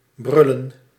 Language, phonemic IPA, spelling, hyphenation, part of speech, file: Dutch, /ˈbrʏlə(n)/, brullen, brul‧len, verb, Nl-brullen.ogg
- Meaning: 1. to roar 2. to cry (of a baby)